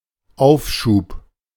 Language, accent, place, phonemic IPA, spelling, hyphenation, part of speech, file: German, Germany, Berlin, /ˈaʊ̯fˌʃuːp/, Aufschub, Auf‧schub, noun, De-Aufschub.ogg
- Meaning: delay, postponement, respite (the act of carrying something out later than originally intended)